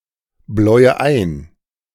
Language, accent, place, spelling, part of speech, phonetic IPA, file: German, Germany, Berlin, bläue ein, verb, [ˌblɔɪ̯ə ˈaɪ̯n], De-bläue ein.ogg
- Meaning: inflection of einbläuen: 1. first-person singular present 2. first/third-person singular subjunctive I 3. singular imperative